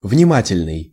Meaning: attentive, observant, observing, mindful, watchful
- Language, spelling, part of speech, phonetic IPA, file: Russian, внимательный, adjective, [vnʲɪˈmatʲɪlʲnɨj], Ru-внимательный.ogg